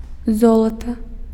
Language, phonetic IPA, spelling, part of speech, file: Belarusian, [ˈzoɫata], золата, noun, Be-золата.ogg
- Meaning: gold